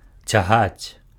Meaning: to drag, to pull
- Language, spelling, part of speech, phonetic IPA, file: Belarusian, цягаць, verb, [t͡sʲaˈɣat͡sʲ], Be-цягаць.ogg